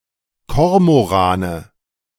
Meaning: cormorants (nominative/accusative/genitive plural of Kormoran)
- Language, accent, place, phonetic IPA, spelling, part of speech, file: German, Germany, Berlin, [ˈkɔʁmoˌʁaːnə], Kormorane, noun, De-Kormorane.ogg